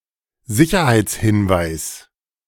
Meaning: safety precaution or advice / instruction
- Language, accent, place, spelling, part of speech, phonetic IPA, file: German, Germany, Berlin, Sicherheitshinweis, noun, [ˈzɪçɐhaɪ̯t͡sˌhɪnvaɪ̯s], De-Sicherheitshinweis.ogg